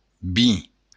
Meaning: wine
- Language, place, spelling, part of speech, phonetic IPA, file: Occitan, Béarn, vin, noun, [vi], LL-Q14185 (oci)-vin.wav